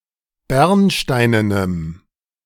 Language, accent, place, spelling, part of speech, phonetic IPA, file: German, Germany, Berlin, bernsteinenem, adjective, [ˈbɛʁnˌʃtaɪ̯nənəm], De-bernsteinenem.ogg
- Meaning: strong dative masculine/neuter singular of bernsteinen